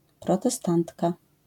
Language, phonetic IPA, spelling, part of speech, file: Polish, [ˌprɔtɛˈstãntka], protestantka, noun, LL-Q809 (pol)-protestantka.wav